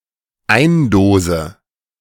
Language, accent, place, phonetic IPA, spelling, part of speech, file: German, Germany, Berlin, [ˈaɪ̯nˌdoːzə], eindose, verb, De-eindose.ogg
- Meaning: inflection of eindosen: 1. first-person singular dependent present 2. first/third-person singular dependent subjunctive I